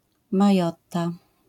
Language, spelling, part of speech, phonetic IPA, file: Polish, Majotta, proper noun, [maˈjɔtːa], LL-Q809 (pol)-Majotta.wav